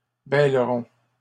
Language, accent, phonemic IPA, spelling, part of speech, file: French, Canada, /bɛl.ʁɔ̃/, bêlerons, verb, LL-Q150 (fra)-bêlerons.wav
- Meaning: first-person plural simple future of bêler